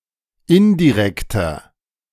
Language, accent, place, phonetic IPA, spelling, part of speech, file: German, Germany, Berlin, [ˈɪndiˌʁɛktɐ], indirekter, adjective, De-indirekter.ogg
- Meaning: inflection of indirekt: 1. strong/mixed nominative masculine singular 2. strong genitive/dative feminine singular 3. strong genitive plural